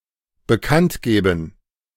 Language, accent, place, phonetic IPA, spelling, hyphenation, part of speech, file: German, Germany, Berlin, [bəˈkantˌɡeːbn̩], bekanntgeben, be‧kannt‧ge‧ben, verb, De-bekanntgeben.ogg
- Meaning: to announce, to make known